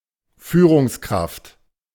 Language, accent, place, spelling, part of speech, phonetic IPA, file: German, Germany, Berlin, Führungskraft, noun, [ˈfyːʁʊŋsˌkʁaft], De-Führungskraft.ogg
- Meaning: 1. executive 2. manager